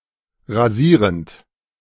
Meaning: present participle of rasieren
- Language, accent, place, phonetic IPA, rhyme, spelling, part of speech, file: German, Germany, Berlin, [ʁaˈziːʁənt], -iːʁənt, rasierend, verb, De-rasierend.ogg